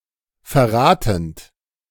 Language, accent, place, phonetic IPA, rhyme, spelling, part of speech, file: German, Germany, Berlin, [fɛɐ̯ˈʁaːtn̩t], -aːtn̩t, verratend, verb, De-verratend.ogg
- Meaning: present participle of verraten